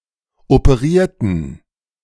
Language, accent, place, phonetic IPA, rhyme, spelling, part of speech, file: German, Germany, Berlin, [opəˈʁiːɐ̯tn̩], -iːɐ̯tn̩, operierten, adjective / verb, De-operierten.ogg
- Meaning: inflection of operieren: 1. first/third-person plural preterite 2. first/third-person plural subjunctive II